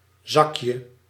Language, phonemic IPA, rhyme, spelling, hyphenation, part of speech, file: Dutch, /ˈzɑk.jə/, -ɑkjə, zakje, zak‧je, noun, Nl-zakje.ogg
- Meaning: diminutive of zak